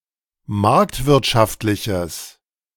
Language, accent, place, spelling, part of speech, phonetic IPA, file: German, Germany, Berlin, marktwirtschaftliches, adjective, [ˈmaʁktvɪʁtʃaftlɪçəs], De-marktwirtschaftliches.ogg
- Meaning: strong/mixed nominative/accusative neuter singular of marktwirtschaftlich